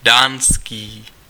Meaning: Danish
- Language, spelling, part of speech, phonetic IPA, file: Czech, dánský, adjective, [ˈdaːnskiː], Cs-dánský.ogg